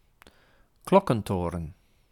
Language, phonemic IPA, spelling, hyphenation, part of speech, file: Dutch, /ˈklɔ.kə(n)ˌtoː.rə(n)/, klokkentoren, klok‧ken‧to‧ren, noun, Nl-klokkentoren.ogg
- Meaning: a bell tower, tower where (a) bell(s) hang(s) to be played